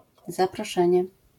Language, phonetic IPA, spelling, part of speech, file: Polish, [ˌzaprɔˈʃɛ̃ɲɛ], zaproszenie, noun, LL-Q809 (pol)-zaproszenie.wav